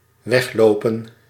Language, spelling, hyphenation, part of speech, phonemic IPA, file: Dutch, weglopen, weg‧lo‧pen, verb, /ˈʋɛxˌloː.pə(n)/, Nl-weglopen.ogg
- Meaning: 1. to walk away, to walk off 2. to stream away, to run off